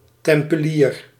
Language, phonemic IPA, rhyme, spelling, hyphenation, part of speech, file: Dutch, /ˌtɛm.pəˈliːr/, -iːr, tempelier, tem‧pe‧lier, noun, Nl-tempelier.ogg
- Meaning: Templar, Knight Templar